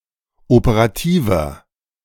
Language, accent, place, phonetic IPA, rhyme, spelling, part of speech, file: German, Germany, Berlin, [opəʁaˈtiːvɐ], -iːvɐ, operativer, adjective, De-operativer.ogg
- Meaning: inflection of operativ: 1. strong/mixed nominative masculine singular 2. strong genitive/dative feminine singular 3. strong genitive plural